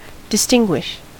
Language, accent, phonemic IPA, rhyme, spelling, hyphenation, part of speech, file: English, US, /dɪˈstɪŋ.ɡwɪʃ/, -ɪŋɡwɪʃ, distinguish, dis‧tin‧guish, verb, En-us-distinguish.ogg
- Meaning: 1. To recognize someone or something as different from others based on its characteristics 2. To see someone or something clearly or distinctly